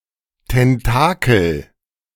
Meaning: tentacle
- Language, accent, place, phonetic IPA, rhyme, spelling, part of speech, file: German, Germany, Berlin, [tɛnˈtaːkl̩], -aːkl̩, Tentakel, noun, De-Tentakel.ogg